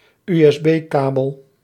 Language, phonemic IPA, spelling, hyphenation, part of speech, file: Dutch, /y.ɛsˈbeːˌkaː.bəl/, USB-kabel, USB-ka‧bel, noun, Nl-USB-kabel.ogg
- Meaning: USB cable